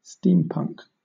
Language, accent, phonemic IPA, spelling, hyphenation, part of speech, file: English, Southern England, /ˈstiːm.pʌŋk/, steampunk, steam‧punk, noun / verb, LL-Q1860 (eng)-steampunk.wav